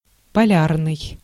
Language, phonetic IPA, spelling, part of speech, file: Russian, [pɐˈlʲarnɨj], полярный, adjective, Ru-полярный.ogg
- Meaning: polar